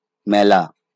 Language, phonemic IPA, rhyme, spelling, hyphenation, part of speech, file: Bengali, /mæ.la/, -æla, মেলা, মে‧লা, verb / noun, LL-Q9610 (ben)-মেলা.wav
- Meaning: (verb) to open, to spread out; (noun) fair, carnival, festival